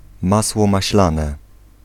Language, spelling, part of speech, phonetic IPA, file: Polish, masło maślane, noun, [ˈmaswɔ maɕˈlãnɛ], Pl-masło maślane.ogg